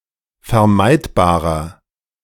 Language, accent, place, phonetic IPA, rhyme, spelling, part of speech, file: German, Germany, Berlin, [fɛɐ̯ˈmaɪ̯tbaːʁɐ], -aɪ̯tbaːʁɐ, vermeidbarer, adjective, De-vermeidbarer.ogg
- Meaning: inflection of vermeidbar: 1. strong/mixed nominative masculine singular 2. strong genitive/dative feminine singular 3. strong genitive plural